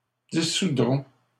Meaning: third-person plural simple future of dissoudre
- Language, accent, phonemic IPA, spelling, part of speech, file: French, Canada, /di.su.dʁɔ̃/, dissoudront, verb, LL-Q150 (fra)-dissoudront.wav